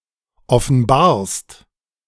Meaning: second-person singular present of offenbaren
- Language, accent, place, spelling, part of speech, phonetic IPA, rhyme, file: German, Germany, Berlin, offenbarst, verb, [ɔfn̩ˈbaːɐ̯st], -aːɐ̯st, De-offenbarst.ogg